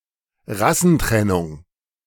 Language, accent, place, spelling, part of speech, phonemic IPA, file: German, Germany, Berlin, Rassentrennung, noun, /ˈʁasn̩ˌtʁɛnʊŋ/, De-Rassentrennung.ogg
- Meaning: racial segregation, racial separation